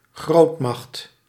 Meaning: a great power, a superpower
- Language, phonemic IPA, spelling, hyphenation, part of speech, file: Dutch, /ˈɣroːt.mɑxt/, grootmacht, groot‧macht, noun, Nl-grootmacht.ogg